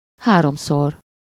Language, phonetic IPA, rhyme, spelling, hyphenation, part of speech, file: Hungarian, [ˈhaːromsor], -or, háromszor, há‧rom‧szor, adverb, Hu-háromszor.ogg
- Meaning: three times